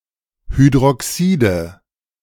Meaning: nominative/accusative/genitive plural of Hydroxid
- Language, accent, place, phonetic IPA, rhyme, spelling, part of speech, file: German, Germany, Berlin, [hydʁɔˈksiːdə], -iːdə, Hydroxide, noun, De-Hydroxide.ogg